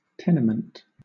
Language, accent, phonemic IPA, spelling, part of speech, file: English, Southern England, /ˈtɛnɪmənt/, tenement, noun, LL-Q1860 (eng)-tenement.wav
- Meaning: 1. A building that is rented to multiple tenants, especially a low-rent, run-down one 2. Any form of property that is held by one person from another, rather than being owned